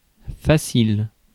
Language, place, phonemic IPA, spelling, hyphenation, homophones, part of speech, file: French, Paris, /fa.sil/, facile, fa‧cile, faciles, adjective, Fr-facile.ogg
- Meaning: 1. easy, simple 2. easy, promiscuous (consenting readily to sex)